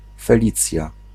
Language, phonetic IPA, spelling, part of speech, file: Polish, [fɛˈlʲit͡sʲja], Felicja, proper noun, Pl-Felicja.ogg